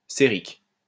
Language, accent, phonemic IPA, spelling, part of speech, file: French, France, /se.ʁik/, cérique, adjective, LL-Q150 (fra)-cérique.wav
- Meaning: ceric